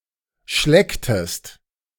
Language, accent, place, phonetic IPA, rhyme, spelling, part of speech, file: German, Germany, Berlin, [ˈʃlɛktəst], -ɛktəst, schlecktest, verb, De-schlecktest.ogg
- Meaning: inflection of schlecken: 1. second-person singular preterite 2. second-person singular subjunctive II